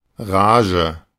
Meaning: fury, rage, impetuousness
- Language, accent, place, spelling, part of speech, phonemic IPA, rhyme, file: German, Germany, Berlin, Rage, noun, /ˈʁaːʒə/, -aːʒə, De-Rage.ogg